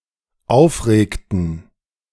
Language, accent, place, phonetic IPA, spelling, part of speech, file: German, Germany, Berlin, [ˈaʊ̯fˌʁeːktn̩], aufregten, verb, De-aufregten.ogg
- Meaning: inflection of aufregen: 1. first/third-person plural dependent preterite 2. first/third-person plural dependent subjunctive II